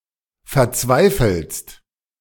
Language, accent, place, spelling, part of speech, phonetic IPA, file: German, Germany, Berlin, verzweifelst, verb, [fɛɐ̯ˈt͡svaɪ̯fl̩st], De-verzweifelst.ogg
- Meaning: second-person singular present of verzweifeln